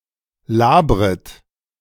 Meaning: second-person plural subjunctive I of labern
- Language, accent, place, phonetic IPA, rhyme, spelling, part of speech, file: German, Germany, Berlin, [ˈlaːbʁət], -aːbʁət, labret, verb, De-labret.ogg